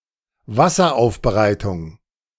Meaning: water treatment
- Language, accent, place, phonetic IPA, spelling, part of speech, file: German, Germany, Berlin, [ˈvasɐˌʔaʊ̯fbəʁaɪ̯tʊŋ], Wasseraufbereitung, noun, De-Wasseraufbereitung.ogg